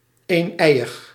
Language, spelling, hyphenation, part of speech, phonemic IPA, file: Dutch, eeneiig, een‧ei‧ig, adjective, /ˌeːnˈɛi̯.əx/, Nl-eeneiig.ogg
- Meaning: identical, monozygotic